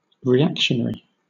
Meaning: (adjective) Extremely conservative; opposing revolution (such as the French Revolution); favoring a return to a "golden age" of the past
- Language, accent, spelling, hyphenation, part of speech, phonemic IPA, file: English, Southern England, reactionary, re‧ac‧tion‧ary, adjective / noun, /ɹiˈækʃən(ə)ɹi/, LL-Q1860 (eng)-reactionary.wav